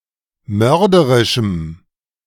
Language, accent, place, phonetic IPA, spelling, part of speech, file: German, Germany, Berlin, [ˈmœʁdəʁɪʃm̩], mörderischem, adjective, De-mörderischem.ogg
- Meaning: strong dative masculine/neuter singular of mörderisch